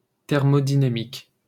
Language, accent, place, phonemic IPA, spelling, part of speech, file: French, France, Paris, /tɛʁ.mo.di.na.mik/, thermodynamique, noun / adjective, LL-Q150 (fra)-thermodynamique.wav
- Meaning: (noun) thermodynamics (science of the conversions between heat and other forms of energy); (adjective) thermodynamic